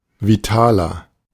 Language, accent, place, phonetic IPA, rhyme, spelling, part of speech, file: German, Germany, Berlin, [viˈtaːlɐ], -aːlɐ, vitaler, adjective, De-vitaler.ogg
- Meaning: 1. comparative degree of vital 2. inflection of vital: strong/mixed nominative masculine singular 3. inflection of vital: strong genitive/dative feminine singular